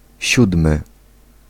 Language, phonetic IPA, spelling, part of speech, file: Polish, [ˈɕudmɨ], siódmy, adjective / noun, Pl-siódmy.ogg